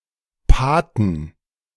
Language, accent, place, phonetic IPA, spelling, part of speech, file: German, Germany, Berlin, [ˈpaː.tn̩], Paten, noun, De-Paten.ogg
- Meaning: inflection of Pate: 1. genitive/dative/accusative singular 2. all-case plural